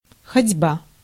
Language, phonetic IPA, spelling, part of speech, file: Russian, [xɐdʲˈba], ходьба, noun, Ru-ходьба.ogg
- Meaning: walking, pacing